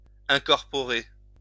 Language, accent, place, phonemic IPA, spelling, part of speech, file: French, France, Lyon, /ɛ̃.kɔʁ.pɔ.ʁe/, incorporer, verb, LL-Q150 (fra)-incorporer.wav
- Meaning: 1. to incorporate 2. to embed